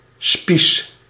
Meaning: 1. spike, long spear, pike 2. skewer
- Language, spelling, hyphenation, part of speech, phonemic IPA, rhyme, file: Dutch, spies, spies, noun, /spis/, -is, Nl-spies.ogg